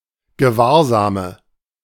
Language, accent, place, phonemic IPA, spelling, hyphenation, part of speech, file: German, Germany, Berlin, /ɡəˈvaːɐ̯zaːmə/, Gewahrsame, Ge‧wahr‧sa‧me, noun, De-Gewahrsame.ogg
- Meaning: 1. archaic form of Gewahrsam 2. nominative plural of Gewahrsam 3. genitive plural of Gewahrsam 4. accusative plural of Gewahrsam